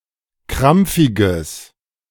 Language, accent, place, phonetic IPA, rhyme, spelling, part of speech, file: German, Germany, Berlin, [ˈkʁamp͡fɪɡəs], -amp͡fɪɡəs, krampfiges, adjective, De-krampfiges.ogg
- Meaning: strong/mixed nominative/accusative neuter singular of krampfig